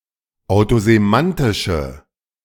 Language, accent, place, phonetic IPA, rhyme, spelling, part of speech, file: German, Germany, Berlin, [aʊ̯tozeˈmantɪʃə], -antɪʃə, autosemantische, adjective, De-autosemantische.ogg
- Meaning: inflection of autosemantisch: 1. strong/mixed nominative/accusative feminine singular 2. strong nominative/accusative plural 3. weak nominative all-gender singular